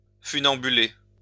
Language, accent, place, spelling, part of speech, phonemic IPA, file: French, France, Lyon, funambuler, verb, /fy.nɑ̃.by.le/, LL-Q150 (fra)-funambuler.wav
- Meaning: to walk the tightrope; to funambulate